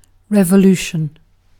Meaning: 1. A political upheaval in a government or state characterized by great change 2. The popular removal and replacement of a government, especially by sudden violent action
- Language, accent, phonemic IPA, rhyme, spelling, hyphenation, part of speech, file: English, UK, /ˌɹɛv.əˈluː.ʃən/, -uːʃən, revolution, re‧vo‧lu‧tion, noun, En-uk-revolution.ogg